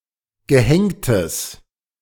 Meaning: strong/mixed nominative/accusative neuter singular of gehängt
- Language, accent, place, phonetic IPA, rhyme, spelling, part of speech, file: German, Germany, Berlin, [ɡəˈhɛŋtəs], -ɛŋtəs, gehängtes, adjective, De-gehängtes.ogg